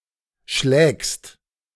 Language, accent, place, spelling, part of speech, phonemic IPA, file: German, Germany, Berlin, schlägst, verb, /ʃlɛːkst/, De-schlägst.ogg
- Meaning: second-person singular present of schlagen